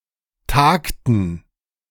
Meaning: inflection of tagen: 1. first/third-person plural preterite 2. first/third-person plural subjunctive II
- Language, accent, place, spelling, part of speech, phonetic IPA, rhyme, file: German, Germany, Berlin, tagten, verb, [ˈtaːktn̩], -aːktn̩, De-tagten.ogg